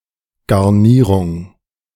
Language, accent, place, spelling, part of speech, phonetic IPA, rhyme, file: German, Germany, Berlin, Garnierung, noun, [ɡaʁˈniːʁʊŋ], -iːʁʊŋ, De-Garnierung.ogg
- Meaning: garnish